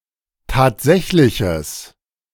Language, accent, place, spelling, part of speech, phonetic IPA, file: German, Germany, Berlin, tatsächliches, adjective, [ˈtaːtˌzɛçlɪçəs], De-tatsächliches.ogg
- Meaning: strong/mixed nominative/accusative neuter singular of tatsächlich